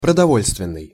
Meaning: 1. food 2. rations
- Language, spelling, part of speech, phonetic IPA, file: Russian, продовольственный, adjective, [prədɐˈvolʲstvʲɪn(ː)ɨj], Ru-продовольственный.ogg